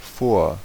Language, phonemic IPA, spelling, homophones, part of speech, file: German, /foːr/, vor, Fort, preposition, De-vor.ogg
- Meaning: 1. in front of, ahead of (relative location in space) 2. before, prior to, ahead of (relative location in time) 3. ago (location in the past relative to the present)